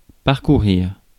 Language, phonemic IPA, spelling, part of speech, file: French, /paʁ.ku.ʁiʁ/, parcourir, verb, Fr-parcourir.ogg
- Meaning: 1. to go through, to pass through 2. to read through, to skim